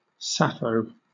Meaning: 1. 80 Sappho, a main belt asteroid 2. A female given name from Ancient Greek
- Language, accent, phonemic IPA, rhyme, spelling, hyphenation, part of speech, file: English, Southern England, /ˈsæ.fəʊ/, -æfəʊ, Sappho, Sap‧pho, proper noun, LL-Q1860 (eng)-Sappho.wav